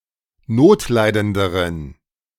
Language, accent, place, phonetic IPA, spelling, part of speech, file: German, Germany, Berlin, [ˈnoːtˌlaɪ̯dəndəʁən], notleidenderen, adjective, De-notleidenderen.ogg
- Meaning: inflection of notleidend: 1. strong genitive masculine/neuter singular comparative degree 2. weak/mixed genitive/dative all-gender singular comparative degree